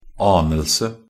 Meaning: 1. the act of guessing, sensing, suspecting; a clue, idea 2. a very weak occurrence (of something)
- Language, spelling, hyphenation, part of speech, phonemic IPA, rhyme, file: Norwegian Bokmål, anelse, an‧el‧se, noun, /ˈɑːnəlsə/, -əlsə, Nb-anelse.ogg